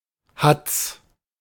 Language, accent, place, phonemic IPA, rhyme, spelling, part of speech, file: German, Germany, Berlin, /hat͡s/, -ats, Hatz, noun, De-Hatz.ogg
- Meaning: hunt, chase (hunting)